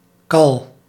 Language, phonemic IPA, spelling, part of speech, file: Dutch, /kɑl/, kal, noun / verb, Nl-kal.ogg
- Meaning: inflection of kallen: 1. first-person singular present indicative 2. second-person singular present indicative 3. imperative